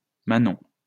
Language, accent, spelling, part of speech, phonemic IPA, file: French, France, Manon, proper noun, /ma.nɔ̃/, LL-Q150 (fra)-Manon.wav
- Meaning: a female given name, popular in the 1990s and the 2000s